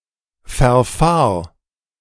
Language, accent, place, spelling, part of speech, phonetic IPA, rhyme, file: German, Germany, Berlin, verfahr, verb, [fɛɐ̯ˈfaːɐ̯], -aːɐ̯, De-verfahr.ogg
- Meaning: singular imperative of verfahren